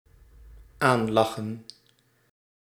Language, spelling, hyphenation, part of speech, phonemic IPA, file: Dutch, aanlachen, aan‧la‧chen, verb, /ˈaːnlɑxə(n)/, Nl-aanlachen.ogg
- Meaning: 1. to smile at 2. to smile on, to be beneficial or favourable